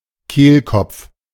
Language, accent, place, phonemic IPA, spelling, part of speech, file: German, Germany, Berlin, /ˈkeːlkɔpf/, Kehlkopf, noun, De-Kehlkopf.ogg
- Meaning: 1. larynx 2. Adam's apple